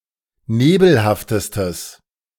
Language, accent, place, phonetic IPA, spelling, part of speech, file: German, Germany, Berlin, [ˈneːbl̩haftəstəs], nebelhaftestes, adjective, De-nebelhaftestes.ogg
- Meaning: strong/mixed nominative/accusative neuter singular superlative degree of nebelhaft